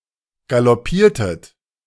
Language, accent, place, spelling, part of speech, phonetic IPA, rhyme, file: German, Germany, Berlin, galoppiertet, verb, [ɡalɔˈpiːɐ̯tət], -iːɐ̯tət, De-galoppiertet.ogg
- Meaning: inflection of galoppieren: 1. second-person plural preterite 2. second-person plural subjunctive II